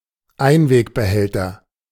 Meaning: disposable container
- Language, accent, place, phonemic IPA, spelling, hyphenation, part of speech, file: German, Germany, Berlin, /ˈaɪ̯nveːkbəˌhɛltɐ/, Einwegbehälter, Ein‧weg‧be‧häl‧ter, noun, De-Einwegbehälter.ogg